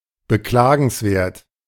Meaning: 1. deplorable 2. pitiable
- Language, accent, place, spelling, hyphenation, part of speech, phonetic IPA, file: German, Germany, Berlin, beklagenswert, be‧kla‧gens‧wert, adjective, [bəˈklaːɡn̩sˌveːɐ̯t], De-beklagenswert.ogg